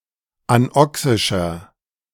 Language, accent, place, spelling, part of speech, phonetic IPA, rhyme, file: German, Germany, Berlin, anoxischer, adjective, [anˈɔksɪʃɐ], -ɔksɪʃɐ, De-anoxischer.ogg
- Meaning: inflection of anoxisch: 1. strong/mixed nominative masculine singular 2. strong genitive/dative feminine singular 3. strong genitive plural